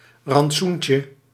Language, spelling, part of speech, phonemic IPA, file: Dutch, rantsoentje, noun, /rɑntˈsuɲcə/, Nl-rantsoentje.ogg
- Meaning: diminutive of rantsoen